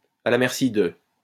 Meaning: at the mercy of
- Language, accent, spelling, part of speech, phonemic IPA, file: French, France, à la merci de, preposition, /a la mɛʁ.si də/, LL-Q150 (fra)-à la merci de.wav